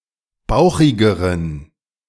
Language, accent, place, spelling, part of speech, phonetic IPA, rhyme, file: German, Germany, Berlin, bauchigeren, adjective, [ˈbaʊ̯xɪɡəʁən], -aʊ̯xɪɡəʁən, De-bauchigeren.ogg
- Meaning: inflection of bauchig: 1. strong genitive masculine/neuter singular comparative degree 2. weak/mixed genitive/dative all-gender singular comparative degree